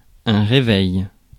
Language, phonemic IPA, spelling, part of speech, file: French, /ʁe.vɛj/, réveil, noun, Fr-réveil.ogg
- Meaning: 1. waking, awakening, waking up 2. reveille 3. alarm clock